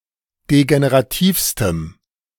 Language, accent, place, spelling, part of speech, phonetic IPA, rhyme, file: German, Germany, Berlin, degenerativstem, adjective, [deɡeneʁaˈtiːfstəm], -iːfstəm, De-degenerativstem.ogg
- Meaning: strong dative masculine/neuter singular superlative degree of degenerativ